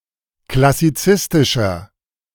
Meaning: 1. comparative degree of klassizistisch 2. inflection of klassizistisch: strong/mixed nominative masculine singular 3. inflection of klassizistisch: strong genitive/dative feminine singular
- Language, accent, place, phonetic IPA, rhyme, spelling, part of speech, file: German, Germany, Berlin, [klasiˈt͡sɪstɪʃɐ], -ɪstɪʃɐ, klassizistischer, adjective, De-klassizistischer.ogg